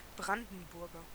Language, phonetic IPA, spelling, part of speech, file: German, [ˈbʁandn̩ˌbʊʁɡɐ], Brandenburger, noun / proper noun / adjective, De-Brandenburger.ogg
- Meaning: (noun) Brandenburger (native or inhabitant of the state of Brandenburg, Germany) (usually male); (adjective) Brandenburger (of, from or relating to the state of Brandenburg, Germany)